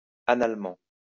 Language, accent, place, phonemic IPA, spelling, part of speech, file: French, France, Lyon, /a.nal.mɑ̃/, analement, adverb, LL-Q150 (fra)-analement.wav
- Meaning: anally